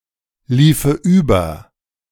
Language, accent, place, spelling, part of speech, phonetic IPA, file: German, Germany, Berlin, liefe über, verb, [ˌliːfə ˈyːbɐ], De-liefe über.ogg
- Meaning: first/third-person singular subjunctive II of überlaufen